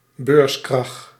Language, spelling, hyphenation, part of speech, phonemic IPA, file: Dutch, beurskrach, beurs‧krach, noun, /ˈbøːrs.krɑx/, Nl-beurskrach.ogg
- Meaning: stock market crash